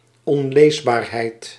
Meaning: unreadability, illegibility
- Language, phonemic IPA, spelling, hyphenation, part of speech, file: Dutch, /ˌɔnˈleːs.baːr.ɦɛi̯t/, onleesbaarheid, on‧lees‧baar‧heid, noun, Nl-onleesbaarheid.ogg